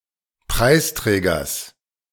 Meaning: genitive singular of Preisträger
- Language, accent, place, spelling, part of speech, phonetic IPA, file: German, Germany, Berlin, Preisträgers, noun, [ˈpʁaɪ̯sˌtʁɛːɡɐs], De-Preisträgers.ogg